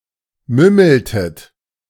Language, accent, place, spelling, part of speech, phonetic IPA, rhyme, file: German, Germany, Berlin, mümmeltet, verb, [ˈmʏml̩tət], -ʏml̩tət, De-mümmeltet.ogg
- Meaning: inflection of mümmeln: 1. second-person plural preterite 2. second-person plural subjunctive II